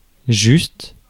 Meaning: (adjective) 1. fair, just 2. reasonable, appropriate, grounded 3. correct 4. perfect 5. shorter or less than desired; insufficient; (noun) a righteous person; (adverb) exactly, precisely
- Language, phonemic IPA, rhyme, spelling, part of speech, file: French, /ʒyst/, -yst, juste, adjective / noun / adverb, Fr-juste.ogg